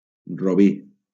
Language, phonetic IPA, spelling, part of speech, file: Catalan, [roˈbi], robí, noun, LL-Q7026 (cat)-robí.wav
- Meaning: ruby